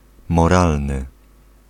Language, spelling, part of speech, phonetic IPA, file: Polish, moralny, adjective, [mɔˈralnɨ], Pl-moralny.ogg